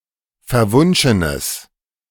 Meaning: strong/mixed nominative/accusative neuter singular of verwunschen
- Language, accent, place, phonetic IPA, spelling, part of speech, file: German, Germany, Berlin, [fɛɐ̯ˈvʊnʃənəs], verwunschenes, adjective, De-verwunschenes.ogg